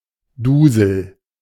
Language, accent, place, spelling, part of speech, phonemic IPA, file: German, Germany, Berlin, Dusel, noun, /ˈduːzəl/, De-Dusel.ogg
- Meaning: 1. undeserved luck, fortune 2. dizziness; also: tipsiness